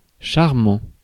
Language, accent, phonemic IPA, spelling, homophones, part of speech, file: French, France, /ʃaʁ.mɑ̃/, charmant, charmants, adjective / verb, Fr-charmant.ogg
- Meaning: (adjective) charming; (verb) present participle of charmer